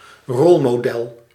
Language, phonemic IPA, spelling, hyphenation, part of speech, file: Dutch, /ˈrɔl.moːˌdɛl/, rolmodel, rol‧mo‧del, noun, Nl-rolmodel.ogg
- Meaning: a role model